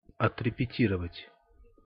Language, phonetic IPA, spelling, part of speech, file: Russian, [ɐtrʲɪpʲɪˈtʲirəvətʲ], отрепетировать, verb, Ru-отрепетировать.ogg
- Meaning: to rehearse